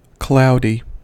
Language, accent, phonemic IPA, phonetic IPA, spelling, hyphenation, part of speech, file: English, US, /ˈklaʊ̯diː/, [ˈkʰlaʊ̯dɪi̯], cloudy, clou‧dy, adjective, En-us-cloudy.ogg
- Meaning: 1. Covered with or characterised by clouds 2. Not transparent or clear 3. Not transparent or clear.: Containing pith 4. Uncertain; unclear 5. Using or relating to cloud computing